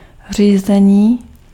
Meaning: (noun) 1. verbal noun of řídit 2. driving (of a car) 3. steering 4. management 5. control (of a machine or system); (adjective) animate masculine nominative/vocative plural of řízený
- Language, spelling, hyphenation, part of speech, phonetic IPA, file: Czech, řízení, ří‧ze‧ní, noun / adjective, [ˈr̝iːzɛɲiː], Cs-řízení.ogg